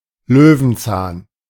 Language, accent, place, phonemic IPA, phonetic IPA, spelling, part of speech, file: German, Germany, Berlin, /ˈløːvənˌtsaːn/, [ˈløːvn̩ˌt͡saːn], Löwenzahn, noun, De-Löwenzahn.ogg
- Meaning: 1. dandelion 2. any plant of the genera Taraxacum or Leontodon 3. tooth of a lion